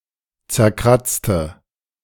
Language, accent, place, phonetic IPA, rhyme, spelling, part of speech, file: German, Germany, Berlin, [t͡sɛɐ̯ˈkʁat͡stə], -at͡stə, zerkratzte, adjective / verb, De-zerkratzte.ogg
- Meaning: inflection of zerkratzen: 1. first/third-person singular preterite 2. first/third-person singular subjunctive II